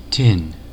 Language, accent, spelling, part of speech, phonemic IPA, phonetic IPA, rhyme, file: English, UK, tin, noun / adjective / verb, /tɪn/, [tʰɪn], -ɪn, En-tin.ogg
- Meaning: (noun) 1. A malleable, ductile, metallic element, resistant to corrosion, with atomic number 50 and symbol Sn 2. Iron or steel sheet metal that is coated with tin as an anticorrosion protectant